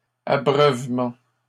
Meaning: The act of watering (plants) or giving water (animals)
- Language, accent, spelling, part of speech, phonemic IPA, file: French, Canada, abreuvement, noun, /a.bʁœv.mɑ̃/, LL-Q150 (fra)-abreuvement.wav